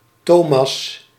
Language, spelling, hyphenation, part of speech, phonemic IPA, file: Dutch, Thomas, Tho‧mas, proper noun, /ˈtoː.mɑs/, Nl-Thomas.ogg
- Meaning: 1. Thomas (biblical figure) 2. a male given name of biblical origin 3. a surname originating as a patronymic